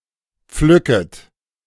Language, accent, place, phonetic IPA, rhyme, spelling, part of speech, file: German, Germany, Berlin, [ˈp͡flʏkət], -ʏkət, pflücket, verb, De-pflücket.ogg
- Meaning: second-person plural subjunctive I of pflücken